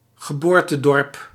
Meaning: the village where someone was born
- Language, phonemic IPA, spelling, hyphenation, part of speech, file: Dutch, /ɣəˈboːr.təˌdɔrp/, geboortedorp, ge‧boor‧te‧dorp, noun, Nl-geboortedorp.ogg